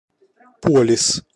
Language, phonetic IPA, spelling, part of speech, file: Russian, [ˈpolʲɪs], полис, noun, Ru-полис.ogg
- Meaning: policy